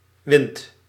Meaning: inflection of winden: 1. second/third-person singular present indicative 2. plural imperative
- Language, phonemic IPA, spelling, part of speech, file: Dutch, /wɪnt/, windt, verb, Nl-windt.ogg